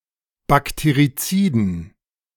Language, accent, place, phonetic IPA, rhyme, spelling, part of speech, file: German, Germany, Berlin, [bakteʁiˈt͡siːdn̩], -iːdn̩, Bakteriziden, noun, De-Bakteriziden.ogg
- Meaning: dative plural of Bakterizid